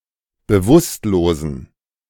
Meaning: inflection of bewusstlos: 1. strong genitive masculine/neuter singular 2. weak/mixed genitive/dative all-gender singular 3. strong/weak/mixed accusative masculine singular 4. strong dative plural
- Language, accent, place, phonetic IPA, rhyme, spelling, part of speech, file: German, Germany, Berlin, [bəˈvʊstloːzn̩], -ʊstloːzn̩, bewusstlosen, adjective, De-bewusstlosen.ogg